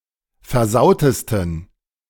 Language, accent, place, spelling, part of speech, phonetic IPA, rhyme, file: German, Germany, Berlin, versautesten, adjective, [fɛɐ̯ˈzaʊ̯təstn̩], -aʊ̯təstn̩, De-versautesten.ogg
- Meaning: 1. superlative degree of versaut 2. inflection of versaut: strong genitive masculine/neuter singular superlative degree